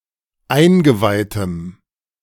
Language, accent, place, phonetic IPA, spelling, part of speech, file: German, Germany, Berlin, [ˈaɪ̯nɡəˌvaɪ̯təm], eingeweihtem, adjective, De-eingeweihtem.ogg
- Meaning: strong dative masculine/neuter singular of eingeweiht